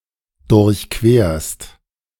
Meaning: second-person singular present of durchqueren
- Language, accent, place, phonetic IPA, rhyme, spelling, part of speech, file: German, Germany, Berlin, [dʊʁçˈkveːɐ̯st], -eːɐ̯st, durchquerst, verb, De-durchquerst.ogg